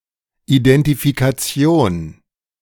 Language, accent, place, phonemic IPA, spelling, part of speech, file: German, Germany, Berlin, /idɛntifikaˈt͡si̯oːn/, Identifikation, noun, De-Identifikation.ogg
- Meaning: identification